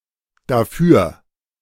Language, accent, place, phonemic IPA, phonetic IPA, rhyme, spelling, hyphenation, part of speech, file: German, Germany, Berlin, /daˈfyːʁ/, [daˈfyːɐ̯], -yːɐ̯, dafür, da‧für, adverb, De-dafür.ogg
- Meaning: 1. for that, for it 2. instead, at least, as a compensation